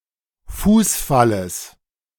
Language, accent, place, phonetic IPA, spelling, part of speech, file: German, Germany, Berlin, [ˈfuːsˌfaləs], Fußfalles, noun, De-Fußfalles.ogg
- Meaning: genitive of Fußfall